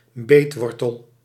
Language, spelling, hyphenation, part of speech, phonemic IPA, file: Dutch, beetwortel, beet‧wor‧tel, noun, /ˈbeːtˌʋɔr.təl/, Nl-beetwortel.ogg
- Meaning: sugar beet